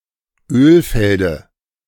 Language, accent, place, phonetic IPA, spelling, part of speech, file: German, Germany, Berlin, [ˈøːlˌfɛldə], Ölfelde, noun, De-Ölfelde.ogg
- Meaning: dative of Ölfeld